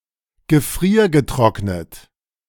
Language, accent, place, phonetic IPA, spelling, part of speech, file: German, Germany, Berlin, [ɡəˈfʁiːɐ̯ɡəˌtʁɔknət], gefriergetrocknet, adjective / verb, De-gefriergetrocknet.ogg
- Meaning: freeze-dried